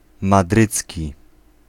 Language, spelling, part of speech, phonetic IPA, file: Polish, madrycki, adjective, [maˈdrɨt͡sʲci], Pl-madrycki.ogg